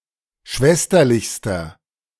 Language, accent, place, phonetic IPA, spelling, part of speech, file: German, Germany, Berlin, [ˈʃvɛstɐlɪçstɐ], schwesterlichster, adjective, De-schwesterlichster.ogg
- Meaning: inflection of schwesterlich: 1. strong/mixed nominative masculine singular superlative degree 2. strong genitive/dative feminine singular superlative degree